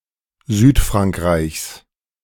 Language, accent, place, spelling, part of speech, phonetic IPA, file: German, Germany, Berlin, Südfrankreichs, noun, [ˈzyːtfʁaŋkˌʁaɪ̯çs], De-Südfrankreichs.ogg
- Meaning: genitive singular of Südfrankreich